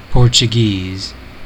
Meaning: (adjective) 1. Of or pertaining to Portugal 2. Of or pertaining to the people of Portugal or their culture 3. Of or pertaining to the Portuguese language
- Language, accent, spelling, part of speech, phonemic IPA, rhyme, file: English, US, Portuguese, adjective / noun / proper noun, /ˌpoɹ.t͡ʃəˈɡiz/, -iːz, En-us-Portuguese.ogg